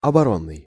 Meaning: defense
- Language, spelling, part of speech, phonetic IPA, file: Russian, оборонный, adjective, [ɐbɐˈronːɨj], Ru-оборонный.ogg